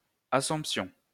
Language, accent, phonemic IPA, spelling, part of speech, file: French, France, /a.sɔ̃p.sjɔ̃/, assomption, noun, LL-Q150 (fra)-assomption.wav
- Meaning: assumption (all senses)